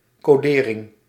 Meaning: encoding
- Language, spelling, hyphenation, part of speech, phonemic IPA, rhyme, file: Dutch, codering, co‧de‧ring, noun, /ˌkoːˈdeː.rɪŋ/, -eːrɪŋ, Nl-codering.ogg